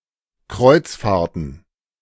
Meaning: plural of Kreuzfahrt
- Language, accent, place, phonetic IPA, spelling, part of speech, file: German, Germany, Berlin, [ˈkʁɔɪ̯t͡sˌfaːɐ̯tn̩], Kreuzfahrten, noun, De-Kreuzfahrten.ogg